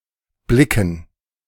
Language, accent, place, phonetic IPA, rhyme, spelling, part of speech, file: German, Germany, Berlin, [ˈblɪkŋ̩], -ɪkŋ̩, blicken, verb, De-blicken.ogg
- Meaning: 1. to look (usually in a certain direction toward something) 2. to get, to understand